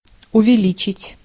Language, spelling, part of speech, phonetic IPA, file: Russian, увеличить, verb, [ʊvʲɪˈlʲit͡ɕɪtʲ], Ru-увеличить.ogg
- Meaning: 1. to increase, to enlarge, to enhance 2. to magnify 3. to bump (software version, for example)